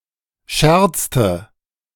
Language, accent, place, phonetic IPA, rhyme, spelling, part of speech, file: German, Germany, Berlin, [ˈʃɛʁt͡stə], -ɛʁt͡stə, scherzte, verb, De-scherzte.ogg
- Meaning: inflection of scherzen: 1. first/third-person singular preterite 2. first/third-person singular subjunctive II